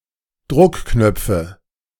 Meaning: nominative genitive accusative plural of Druckknopf
- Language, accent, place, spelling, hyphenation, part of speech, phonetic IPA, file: German, Germany, Berlin, Druckknöpfe, Druck‧knöp‧fe, noun, [ˈdʁʊkˌknœp͡fə], De-Druckknöpfe.ogg